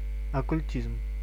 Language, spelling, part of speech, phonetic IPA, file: Russian, оккультизм, noun, [ɐkʊlʲˈtʲizm], Ru-оккультизм.ogg
- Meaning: occultism